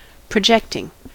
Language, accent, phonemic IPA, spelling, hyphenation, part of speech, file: English, US, /pɹəˈd͡ʒɛktɪŋ/, projecting, pro‧ject‧ing, adjective / verb / noun, En-us-projecting.ogg
- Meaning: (adjective) 1. Sticking out 2. Giving an outward appearance, in order to avoid a direct connection or to disguise or inflate the real essence; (verb) present participle and gerund of project